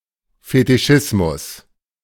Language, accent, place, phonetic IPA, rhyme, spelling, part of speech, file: German, Germany, Berlin, [fetɪˈʃɪsmʊs], -ɪsmʊs, Fetischismus, noun, De-Fetischismus.ogg
- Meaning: fetishism